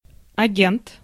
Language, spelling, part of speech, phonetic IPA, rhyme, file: Russian, агент, noun, [ɐˈɡʲent], -ent, Ru-агент.ogg
- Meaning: 1. agent 2. envoy